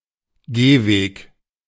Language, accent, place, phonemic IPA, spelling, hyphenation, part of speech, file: German, Germany, Berlin, /ˈɡeːˌveːk/, Gehweg, Geh‧weg, noun, De-Gehweg.ogg
- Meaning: sidewalk (paved footpath)